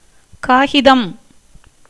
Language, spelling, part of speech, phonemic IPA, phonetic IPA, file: Tamil, காகிதம், noun, /kɑːɡɪd̪ɐm/, [käːɡɪd̪ɐm], Ta-காகிதம்.ogg
- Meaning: 1. paper 2. a letter, epistle written on paper